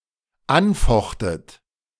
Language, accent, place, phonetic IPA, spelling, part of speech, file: German, Germany, Berlin, [ˈanˌfɔxtət], anfochtet, verb, De-anfochtet.ogg
- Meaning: second-person plural dependent preterite of anfechten